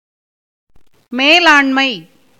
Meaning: management
- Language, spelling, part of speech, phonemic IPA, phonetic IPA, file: Tamil, மேலாண்மை, noun, /meːlɑːɳmɐɪ̯/, [meːläːɳmɐɪ̯], Ta-மேலாண்மை.ogg